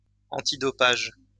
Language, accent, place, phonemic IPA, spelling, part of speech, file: French, France, Lyon, /ɑ̃.ti.dɔ.paʒ/, antidopage, adjective, LL-Q150 (fra)-antidopage.wav
- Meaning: antidoping